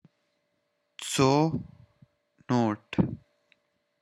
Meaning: cenote
- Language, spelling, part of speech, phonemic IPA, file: Pashto, څونوټ, noun, /t͡soˈnoʈ/, Tsonot.wav